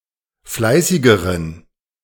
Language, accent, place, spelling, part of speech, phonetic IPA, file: German, Germany, Berlin, fleißigeren, adjective, [ˈflaɪ̯sɪɡəʁən], De-fleißigeren.ogg
- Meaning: inflection of fleißig: 1. strong genitive masculine/neuter singular comparative degree 2. weak/mixed genitive/dative all-gender singular comparative degree